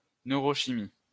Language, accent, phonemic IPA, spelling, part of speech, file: French, France, /nø.ʁɔ.ʃi.mi/, neurochimie, noun, LL-Q150 (fra)-neurochimie.wav
- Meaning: neurochemistry